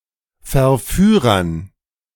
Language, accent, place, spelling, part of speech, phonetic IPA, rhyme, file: German, Germany, Berlin, Verführern, noun, [fɛɐ̯ˈfyːʁɐn], -yːʁɐn, De-Verführern.ogg
- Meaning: dative plural of Verführer